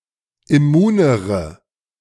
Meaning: inflection of immun: 1. strong/mixed nominative/accusative feminine singular comparative degree 2. strong nominative/accusative plural comparative degree
- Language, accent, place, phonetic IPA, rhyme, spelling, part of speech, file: German, Germany, Berlin, [ɪˈmuːnəʁə], -uːnəʁə, immunere, adjective, De-immunere.ogg